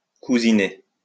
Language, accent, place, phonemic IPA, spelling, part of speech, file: French, France, Lyon, /ku.zi.ne/, cousiner, verb, LL-Q150 (fra)-cousiner.wav
- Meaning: to get along; to get on well